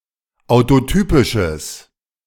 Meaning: strong/mixed nominative/accusative neuter singular of autotypisch
- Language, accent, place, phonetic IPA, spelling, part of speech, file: German, Germany, Berlin, [aʊ̯toˈtyːpɪʃəs], autotypisches, adjective, De-autotypisches.ogg